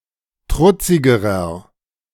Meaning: inflection of trutzig: 1. strong/mixed nominative masculine singular comparative degree 2. strong genitive/dative feminine singular comparative degree 3. strong genitive plural comparative degree
- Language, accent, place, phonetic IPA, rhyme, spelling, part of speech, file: German, Germany, Berlin, [ˈtʁʊt͡sɪɡəʁɐ], -ʊt͡sɪɡəʁɐ, trutzigerer, adjective, De-trutzigerer.ogg